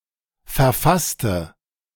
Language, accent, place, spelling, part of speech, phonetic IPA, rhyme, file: German, Germany, Berlin, verfasste, adjective / verb, [fɛɐ̯ˈfastə], -astə, De-verfasste.ogg
- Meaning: inflection of verfasst: 1. strong/mixed nominative/accusative feminine singular 2. strong nominative/accusative plural 3. weak nominative all-gender singular